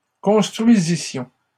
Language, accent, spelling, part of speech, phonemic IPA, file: French, Canada, construisissions, verb, /kɔ̃s.tʁɥi.zi.sjɔ̃/, LL-Q150 (fra)-construisissions.wav
- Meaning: first-person plural imperfect subjunctive of construire